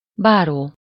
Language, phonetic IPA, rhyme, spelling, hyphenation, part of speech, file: Hungarian, [ˈbaːroː], -roː, báró, bá‧ró, noun, Hu-báró.ogg
- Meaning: baron